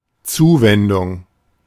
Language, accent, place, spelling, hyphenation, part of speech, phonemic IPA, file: German, Germany, Berlin, Zuwendung, Zu‧wen‧dung, noun, /ˈt͡suːvɛndʊŋ/, De-Zuwendung.ogg
- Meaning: 1. friendly and kind attention; loving care; love and care 2. financial support, financial contribution, donation